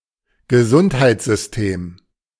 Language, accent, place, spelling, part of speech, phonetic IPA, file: German, Germany, Berlin, Gesundheitssystem, noun, [ɡəˈzʊnthaɪ̯t͡szʏsˌteːm], De-Gesundheitssystem.ogg
- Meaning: health care system